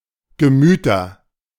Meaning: nominative/accusative/genitive plural of Gemüt
- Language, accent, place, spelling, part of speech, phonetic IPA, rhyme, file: German, Germany, Berlin, Gemüter, noun, [ɡəˈmyːtɐ], -yːtɐ, De-Gemüter.ogg